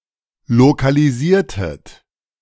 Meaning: inflection of lokalisieren: 1. second-person plural preterite 2. second-person plural subjunctive II
- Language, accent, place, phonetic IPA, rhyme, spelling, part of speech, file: German, Germany, Berlin, [lokaliˈziːɐ̯tət], -iːɐ̯tət, lokalisiertet, verb, De-lokalisiertet.ogg